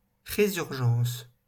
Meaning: resurgence, revival
- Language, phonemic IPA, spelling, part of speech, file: French, /ʁe.zyʁ.ʒɑ̃s/, résurgence, noun, LL-Q150 (fra)-résurgence.wav